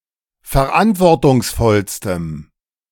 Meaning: strong dative masculine/neuter singular superlative degree of verantwortungsvoll
- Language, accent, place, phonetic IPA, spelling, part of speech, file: German, Germany, Berlin, [fɛɐ̯ˈʔantvɔʁtʊŋsˌfɔlstəm], verantwortungsvollstem, adjective, De-verantwortungsvollstem.ogg